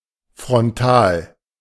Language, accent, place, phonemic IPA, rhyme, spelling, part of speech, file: German, Germany, Berlin, /fʁɔnˈtaːl/, -aːl, frontal, adjective / adverb, De-frontal.ogg
- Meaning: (adjective) frontal; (adverb) head-on